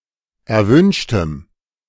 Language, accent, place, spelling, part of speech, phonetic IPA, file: German, Germany, Berlin, erwünschtem, adjective, [ɛɐ̯ˈvʏnʃtəm], De-erwünschtem.ogg
- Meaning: strong dative masculine/neuter singular of erwünscht